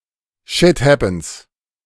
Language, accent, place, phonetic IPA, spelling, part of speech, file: German, Germany, Berlin, [ˈʃɪt ˌhɛpn̩s], shit happens, phrase, De-shit happens.ogg
- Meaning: shit happens